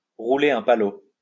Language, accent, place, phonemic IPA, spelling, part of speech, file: French, France, Lyon, /ʁu.le œ̃ pa.lo/, rouler un palot, verb, LL-Q150 (fra)-rouler un palot.wav
- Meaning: to French kiss (kiss someone while inserting one’s tongue into their mouth)